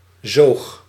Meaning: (noun) alternative form of zeug; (verb) 1. singular past indicative of zuigen 2. inflection of zogen: first-person singular present indicative
- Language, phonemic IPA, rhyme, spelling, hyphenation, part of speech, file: Dutch, /zoːx/, -oːx, zoog, zoog, noun / verb, Nl-zoog.ogg